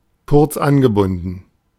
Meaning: curt; brief; blunt (especially over the telephone)
- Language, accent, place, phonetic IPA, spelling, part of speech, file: German, Germany, Berlin, [kʊʁt͡s ˈanɡəˌbʊndn̩], kurz angebunden, phrase, De-kurz angebunden.ogg